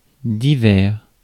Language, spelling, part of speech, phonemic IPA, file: French, divers, adjective, /di.vɛʁ/, Fr-divers.ogg
- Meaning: various; varying